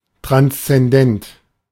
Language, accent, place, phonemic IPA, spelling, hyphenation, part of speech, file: German, Germany, Berlin, /ˌtʁanst͡sɛnˈdɛnt/, transzendent, trans‧zen‧dent, adjective, De-transzendent.ogg
- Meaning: 1. transcendent 2. transcendental